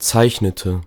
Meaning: inflection of zeichnen: 1. first/third-person singular preterite 2. first/third-person singular subjunctive II
- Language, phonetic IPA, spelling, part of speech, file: German, [ˈt͡saɪ̯çnətə], zeichnete, verb, De-zeichnete.ogg